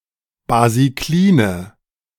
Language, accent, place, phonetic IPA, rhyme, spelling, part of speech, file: German, Germany, Berlin, [baziˈkliːnə], -iːnə, basikline, adjective, De-basikline.ogg
- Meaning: inflection of basiklin: 1. strong/mixed nominative/accusative feminine singular 2. strong nominative/accusative plural 3. weak nominative all-gender singular